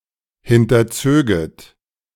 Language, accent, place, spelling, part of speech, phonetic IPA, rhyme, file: German, Germany, Berlin, hinterzöget, verb, [ˌhɪntɐˈt͡søːɡət], -øːɡət, De-hinterzöget.ogg
- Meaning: second-person plural subjunctive I of hinterziehen